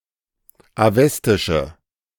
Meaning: inflection of awestisch: 1. strong/mixed nominative/accusative feminine singular 2. strong nominative/accusative plural 3. weak nominative all-gender singular
- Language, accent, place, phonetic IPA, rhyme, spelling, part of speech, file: German, Germany, Berlin, [aˈvɛstɪʃə], -ɛstɪʃə, awestische, adjective, De-awestische.ogg